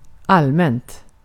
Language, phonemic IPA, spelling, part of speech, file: Swedish, /ˈalːmɛnt/, allmänt, adjective / adverb, Sv-allmänt.ogg
- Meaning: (adjective) indefinite neuter singular of allmän; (adverb) 1. generally 2. generally: widely 3. publicly